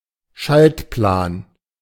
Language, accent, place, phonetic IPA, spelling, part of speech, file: German, Germany, Berlin, [ˈʃaltˌplaːn], Schaltplan, noun, De-Schaltplan.ogg
- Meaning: circuit diagram, schematic